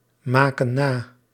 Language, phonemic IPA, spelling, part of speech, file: Dutch, /ˈmakə(n) ˈna/, maken na, verb, Nl-maken na.ogg
- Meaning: inflection of namaken: 1. plural present indicative 2. plural present subjunctive